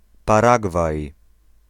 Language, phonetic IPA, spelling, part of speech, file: Polish, [paˈraɡvaj], Paragwaj, proper noun, Pl-Paragwaj.ogg